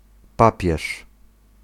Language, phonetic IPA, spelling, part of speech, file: Polish, [ˈpapʲjɛʃ], papież, noun, Pl-papież.ogg